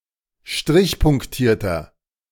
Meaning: inflection of strichpunktiert: 1. strong/mixed nominative masculine singular 2. strong genitive/dative feminine singular 3. strong genitive plural
- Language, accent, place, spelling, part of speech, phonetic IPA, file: German, Germany, Berlin, strichpunktierter, adjective, [ˈʃtʁɪçpʊŋkˌtiːɐ̯tɐ], De-strichpunktierter.ogg